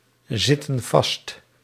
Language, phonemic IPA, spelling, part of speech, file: Dutch, /ˈzɪtə(n) ˈvɑst/, zitten vast, verb, Nl-zitten vast.ogg
- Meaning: inflection of vastzitten: 1. plural present indicative 2. plural present subjunctive